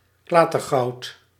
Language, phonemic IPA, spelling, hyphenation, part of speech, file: Dutch, /ˈklaː.tərˌɣɑu̯t/, klatergoud, kla‧ter‧goud, noun, Nl-klatergoud.ogg
- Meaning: 1. an alloy consisting of copper and a low proportion of zinc, whose colour resembles that of gold, produced in sheets; Dutch gold, Dutch metal 2. something worthless